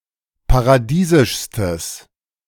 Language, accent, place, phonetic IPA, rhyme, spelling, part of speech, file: German, Germany, Berlin, [paʁaˈdiːzɪʃstəs], -iːzɪʃstəs, paradiesischstes, adjective, De-paradiesischstes.ogg
- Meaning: strong/mixed nominative/accusative neuter singular superlative degree of paradiesisch